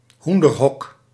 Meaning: chicken coop, henhouse
- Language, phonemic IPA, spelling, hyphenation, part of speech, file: Dutch, /ˈɦun.dərˌɦɔk/, hoenderhok, hoen‧der‧hok, noun, Nl-hoenderhok.ogg